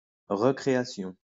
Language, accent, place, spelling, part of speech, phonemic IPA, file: French, France, Lyon, recréation, noun, /ʁə.kʁe.a.sjɔ̃/, LL-Q150 (fra)-recréation.wav
- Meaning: recreation (process of recreating or result of this process)